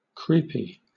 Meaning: 1. Moving by creeping along 2. Producing an uneasy fearful sensation, as of things crawling over one's skin 3. Causing discomfort or repulsion due to strange or eccentric behavior
- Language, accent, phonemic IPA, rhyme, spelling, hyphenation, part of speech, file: English, Southern England, /ˈkɹiːpi/, -iːpi, creepy, creep‧y, adjective, LL-Q1860 (eng)-creepy.wav